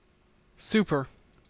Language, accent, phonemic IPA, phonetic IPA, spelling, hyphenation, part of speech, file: English, Canada, /ˈsupɚ/, [ˈsʉu̯.pɚ], super, su‧per, adjective / adverb / noun / verb, En-ca-super.ogg
- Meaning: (adjective) 1. Of excellent quality, superfine 2. Better than average, better than usual; wonderful; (adverb) 1. Very; extremely (used like the prefix super-) 2. Absolutely; utterly